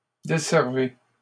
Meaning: inflection of desservir: 1. second-person plural present indicative 2. second-person plural imperative
- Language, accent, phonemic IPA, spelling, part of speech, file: French, Canada, /de.sɛʁ.ve/, desservez, verb, LL-Q150 (fra)-desservez.wav